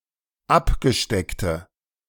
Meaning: inflection of abgesteckt: 1. strong/mixed nominative/accusative feminine singular 2. strong nominative/accusative plural 3. weak nominative all-gender singular
- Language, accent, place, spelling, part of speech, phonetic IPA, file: German, Germany, Berlin, abgesteckte, adjective, [ˈapɡəˌʃtɛktə], De-abgesteckte.ogg